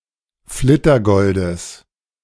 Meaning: genitive singular of Flittergold
- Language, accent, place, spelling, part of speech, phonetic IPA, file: German, Germany, Berlin, Flittergoldes, noun, [ˈflɪtɐˌɡɔldəs], De-Flittergoldes.ogg